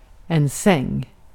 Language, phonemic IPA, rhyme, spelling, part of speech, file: Swedish, /sɛŋː/, -ɛŋː, säng, noun, Sv-säng.ogg
- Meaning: a bed (piece of furniture to sleep in)